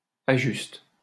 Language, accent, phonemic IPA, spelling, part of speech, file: French, France, /a.ʒyst/, ajuste, verb, LL-Q150 (fra)-ajuste.wav
- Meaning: inflection of ajuster: 1. first/third-person singular present indicative/subjunctive 2. second-person singular imperative